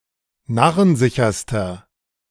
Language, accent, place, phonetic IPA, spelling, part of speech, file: German, Germany, Berlin, [ˈnaʁənˌzɪçɐstɐ], narrensicherster, adjective, De-narrensicherster.ogg
- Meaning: inflection of narrensicher: 1. strong/mixed nominative masculine singular superlative degree 2. strong genitive/dative feminine singular superlative degree 3. strong genitive plural superlative degree